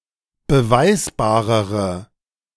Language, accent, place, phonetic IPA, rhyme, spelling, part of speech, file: German, Germany, Berlin, [bəˈvaɪ̯sbaːʁəʁə], -aɪ̯sbaːʁəʁə, beweisbarere, adjective, De-beweisbarere.ogg
- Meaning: inflection of beweisbar: 1. strong/mixed nominative/accusative feminine singular comparative degree 2. strong nominative/accusative plural comparative degree